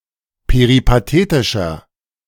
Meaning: inflection of peripatetisch: 1. strong/mixed nominative masculine singular 2. strong genitive/dative feminine singular 3. strong genitive plural
- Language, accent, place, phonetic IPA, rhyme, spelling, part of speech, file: German, Germany, Berlin, [peʁipaˈteːtɪʃɐ], -eːtɪʃɐ, peripatetischer, adjective, De-peripatetischer.ogg